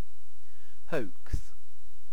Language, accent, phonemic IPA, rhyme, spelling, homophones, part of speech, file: English, UK, /həʊks/, -əʊks, hoax, hokes, verb / noun, En-uk-hoax.ogg
- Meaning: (verb) To deceive (someone) by making them believe something that has been maliciously or mischievously fabricated; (noun) Anything deliberately intended to deceive or trick